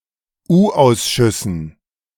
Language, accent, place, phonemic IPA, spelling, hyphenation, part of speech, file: German, Germany, Berlin, /ˈuːˌʔaʊ̯sʃʏsn̩/, U-Ausschüssen, U-Aus‧schüs‧sen, noun, De-U-Ausschüssen.ogg
- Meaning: dative plural of U-Ausschuss